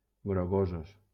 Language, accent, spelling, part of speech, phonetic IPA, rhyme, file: Catalan, Valencia, grogosos, adjective, [ɡɾoˈɣo.zos], -ozos, LL-Q7026 (cat)-grogosos.wav
- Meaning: masculine plural of grogós